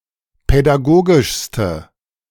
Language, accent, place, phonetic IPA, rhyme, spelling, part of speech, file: German, Germany, Berlin, [pɛdaˈɡoːɡɪʃstə], -oːɡɪʃstə, pädagogischste, adjective, De-pädagogischste.ogg
- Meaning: inflection of pädagogisch: 1. strong/mixed nominative/accusative feminine singular superlative degree 2. strong nominative/accusative plural superlative degree